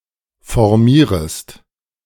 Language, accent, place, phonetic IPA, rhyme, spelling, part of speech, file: German, Germany, Berlin, [fɔʁˈmiːʁəst], -iːʁəst, formierest, verb, De-formierest.ogg
- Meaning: second-person singular subjunctive I of formieren